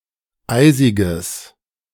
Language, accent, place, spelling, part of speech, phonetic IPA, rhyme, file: German, Germany, Berlin, eisiges, adjective, [ˈaɪ̯zɪɡəs], -aɪ̯zɪɡəs, De-eisiges.ogg
- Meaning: strong/mixed nominative/accusative neuter singular of eisig